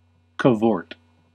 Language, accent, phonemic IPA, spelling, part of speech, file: English, US, /kəˈvɔɹt/, cavort, verb, En-us-cavort.ogg
- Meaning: 1. To prance, frolic, gambol 2. To move about carelessly, playfully or boisterously 3. To engage in extravagant pursuits, especially of a sexual nature